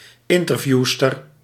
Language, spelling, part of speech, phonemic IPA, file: Dutch, interviewster, noun, /ˈɪntərˌvjustər/, Nl-interviewster.ogg
- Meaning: a female interviewer